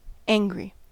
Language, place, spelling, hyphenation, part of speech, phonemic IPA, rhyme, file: English, California, angry, an‧gry, adjective / noun / verb, /ˈæŋ.ɡɹi/, -æŋɡɹi, En-us-angry.ogg
- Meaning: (adjective) 1. Displaying or feeling anger 2. Inflamed and painful 3. Dark and stormy, menacing; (noun) An angry person; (verb) To anger